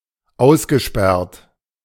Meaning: past participle of aussperren
- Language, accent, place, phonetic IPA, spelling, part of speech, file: German, Germany, Berlin, [ˈaʊ̯sɡəˌʃpɛʁt], ausgesperrt, verb, De-ausgesperrt.ogg